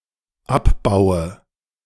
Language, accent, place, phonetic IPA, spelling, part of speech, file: German, Germany, Berlin, [ˈapˌbaʊ̯ə], abbaue, verb, De-abbaue.ogg
- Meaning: inflection of abbauen: 1. first-person singular dependent present 2. first/third-person singular dependent subjunctive I